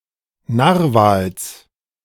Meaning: genitive singular of Narwal
- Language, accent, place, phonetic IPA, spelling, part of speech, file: German, Germany, Berlin, [ˈnaːʁvaːls], Narwals, noun, De-Narwals.ogg